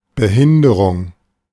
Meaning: 1. handicap, disability 2. hindrance, impediment, obstacle
- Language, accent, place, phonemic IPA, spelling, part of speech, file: German, Germany, Berlin, /bəˈhɪndəʁʊŋ/, Behinderung, noun, De-Behinderung.ogg